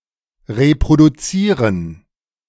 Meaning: to reproduce
- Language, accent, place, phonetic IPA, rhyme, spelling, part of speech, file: German, Germany, Berlin, [ʁepʁoduˈt͡siːʁən], -iːʁən, reproduzieren, verb, De-reproduzieren.ogg